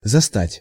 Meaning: to find, to catch, to (manage to) meet (e.g. someone at home or at work)
- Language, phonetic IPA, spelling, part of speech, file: Russian, [zɐˈstatʲ], застать, verb, Ru-застать.ogg